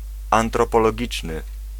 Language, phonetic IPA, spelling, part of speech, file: Polish, [ˌãntrɔpɔlɔˈɟit͡ʃnɨ], antropologiczny, adjective, Pl-antropologiczny.ogg